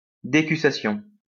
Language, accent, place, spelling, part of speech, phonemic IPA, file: French, France, Lyon, décussation, noun, /de.ky.sa.sjɔ̃/, LL-Q150 (fra)-décussation.wav
- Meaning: decussation